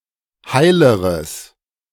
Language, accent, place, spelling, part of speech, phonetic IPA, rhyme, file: German, Germany, Berlin, heileres, adjective, [ˈhaɪ̯ləʁəs], -aɪ̯ləʁəs, De-heileres.ogg
- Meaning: strong/mixed nominative/accusative neuter singular comparative degree of heil